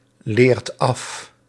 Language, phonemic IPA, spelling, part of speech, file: Dutch, /ˈlert ˈɑf/, leert af, verb, Nl-leert af.ogg
- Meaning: inflection of afleren: 1. second/third-person singular present indicative 2. plural imperative